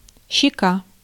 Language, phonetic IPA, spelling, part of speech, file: Russian, [ɕːɪˈka], щека, noun, Ru-щека.ogg
- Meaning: 1. cheek 2. mouth of animals, jaw 3. side, sidepiece, stock, jaw (of a mechanism)